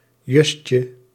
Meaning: diminutive of jus
- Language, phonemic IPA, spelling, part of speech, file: Dutch, /ˈʒucə/, justje, noun, Nl-justje.ogg